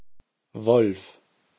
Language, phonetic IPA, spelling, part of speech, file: German, [vɔlf], Wolff, proper noun, De-Wolff.ogg
- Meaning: a surname transferred from the given name or nickname, a spelling variant of Wolf